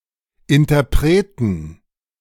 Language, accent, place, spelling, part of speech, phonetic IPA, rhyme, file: German, Germany, Berlin, Interpreten, noun, [ɪntɐˈpʁeːtn̩], -eːtn̩, De-Interpreten.ogg
- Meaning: 1. plural of Interpret 2. genitive singular of Interpret